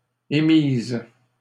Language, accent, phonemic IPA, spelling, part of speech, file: French, Canada, /e.miz/, émises, verb, LL-Q150 (fra)-émises.wav
- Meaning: feminine plural of émis